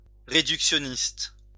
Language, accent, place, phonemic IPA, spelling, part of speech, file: French, France, Lyon, /ʁe.dyk.sjɔ.nist/, réductionniste, adjective, LL-Q150 (fra)-réductionniste.wav
- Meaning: reductionist